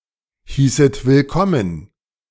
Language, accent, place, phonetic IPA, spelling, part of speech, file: German, Germany, Berlin, [ˌhiːsət vɪlˈkɔmən], hießet willkommen, verb, De-hießet willkommen.ogg
- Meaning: second-person plural subjunctive II of willkommen heißen